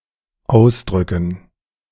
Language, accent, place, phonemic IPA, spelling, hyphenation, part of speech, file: German, Germany, Berlin, /ˈaʊ̯sˌdrʏkən/, ausdrücken, aus‧drü‧cken, verb, De-ausdrücken.ogg
- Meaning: 1. to squeeze, to squeeze out 2. to stub out (a cigarette) 3. to express 4. to express (oneself)